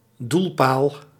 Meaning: a goalpost
- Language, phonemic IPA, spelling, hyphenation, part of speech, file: Dutch, /ˈdul.paːl/, doelpaal, doel‧paal, noun, Nl-doelpaal.ogg